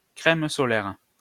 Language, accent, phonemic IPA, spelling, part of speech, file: French, France, /kʁɛm sɔ.lɛʁ/, crème solaire, noun, LL-Q150 (fra)-crème solaire.wav
- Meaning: sunscreen, sun cream (a form of sunblock)